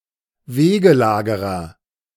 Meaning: 1. highwayman, waylayer, mugger, footpad 2. someone who waits along a street for purposes other than robbery, e.g. a beggar or paparazzo
- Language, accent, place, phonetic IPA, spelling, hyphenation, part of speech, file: German, Germany, Berlin, [ˈveːɡəˌlaːɡəʁɐ], Wegelagerer, We‧ge‧la‧ge‧rer, noun, De-Wegelagerer.ogg